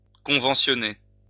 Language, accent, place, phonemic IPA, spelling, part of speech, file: French, France, Lyon, /kɔ̃.vɑ̃.sjɔ.ne/, conventionner, verb, LL-Q150 (fra)-conventionner.wav
- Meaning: to bring under a pay agreement